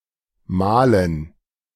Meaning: 1. gerund of malen 2. dative plural of Mal
- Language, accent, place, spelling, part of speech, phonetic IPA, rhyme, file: German, Germany, Berlin, Malen, noun, [ˈmaːlən], -aːlən, De-Malen.ogg